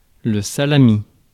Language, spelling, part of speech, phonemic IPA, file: French, salami, noun, /sa.la.mi/, Fr-salami.ogg
- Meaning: salami